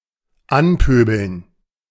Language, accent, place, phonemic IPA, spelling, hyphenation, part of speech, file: German, Germany, Berlin, /ˈanˌpøːbl̩n/, anpöbeln, an‧pö‧beln, verb, De-anpöbeln.ogg
- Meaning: to provoke, accost